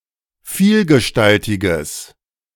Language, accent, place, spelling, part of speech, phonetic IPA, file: German, Germany, Berlin, vielgestaltiges, adjective, [ˈfiːlɡəˌʃtaltɪɡəs], De-vielgestaltiges.ogg
- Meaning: strong/mixed nominative/accusative neuter singular of vielgestaltig